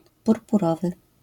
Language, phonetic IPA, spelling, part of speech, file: Polish, [ˌpurpuˈrɔvɨ], purpurowy, adjective, LL-Q809 (pol)-purpurowy.wav